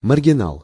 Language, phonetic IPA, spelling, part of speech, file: Russian, [mərɡʲɪˈnaɫ], маргинал, noun, Ru-маргинал.ogg
- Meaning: 1. misfit, nonconformist (person not conforming to recognized moral norms) 2. outcast